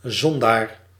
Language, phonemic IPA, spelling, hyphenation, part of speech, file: Dutch, /ˈzɔn.daːr/, zondaar, zon‧daar, noun, Nl-zondaar.ogg
- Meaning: sinner